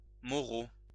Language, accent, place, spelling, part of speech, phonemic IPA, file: French, France, Lyon, moreau, adjective / noun, /mɔ.ʁo/, LL-Q150 (fra)-moreau.wav
- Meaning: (adjective) jet-black in color (of horses); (noun) 1. jet-black horse 2. nosebag